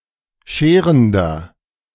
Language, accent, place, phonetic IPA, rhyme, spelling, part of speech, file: German, Germany, Berlin, [ˈʃeːʁəndɐ], -eːʁəndɐ, scherender, adjective, De-scherender.ogg
- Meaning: inflection of scherend: 1. strong/mixed nominative masculine singular 2. strong genitive/dative feminine singular 3. strong genitive plural